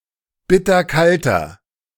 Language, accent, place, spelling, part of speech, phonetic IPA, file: German, Germany, Berlin, bitterkalter, adjective, [ˈbɪtɐˌkaltɐ], De-bitterkalter.ogg
- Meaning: inflection of bitterkalt: 1. strong/mixed nominative masculine singular 2. strong genitive/dative feminine singular 3. strong genitive plural